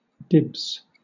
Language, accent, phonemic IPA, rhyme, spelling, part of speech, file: English, Southern England, /dɪbz/, -ɪbz, dibs, noun / interjection / verb, LL-Q1860 (eng)-dibs.wav
- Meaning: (noun) The right to use or enjoy something exclusively or before anyone else; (interjection) Used to claim this right; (verb) To claim a temporary right to (something); to reserve